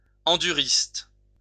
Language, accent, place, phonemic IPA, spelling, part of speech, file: French, France, Lyon, /ɑ̃.dy.ʁist/, enduriste, noun, LL-Q150 (fra)-enduriste.wav
- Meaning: endurance motorcyclist